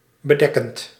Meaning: present participle of bedekken
- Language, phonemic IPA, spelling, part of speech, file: Dutch, /bəˈdɛkənt/, bedekkend, verb, Nl-bedekkend.ogg